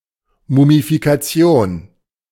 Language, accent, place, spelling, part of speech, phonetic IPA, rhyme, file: German, Germany, Berlin, Mumifikation, noun, [ˌmumifikaˈt͡si̯oːn], -oːn, De-Mumifikation.ogg
- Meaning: mummification